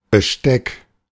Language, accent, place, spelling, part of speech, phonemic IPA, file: German, Germany, Berlin, Besteck, noun, /bəˈʃtɛk/, De-Besteck.ogg
- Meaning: 1. cutlery 2. silverware 3. set of instruments 4. position of a ship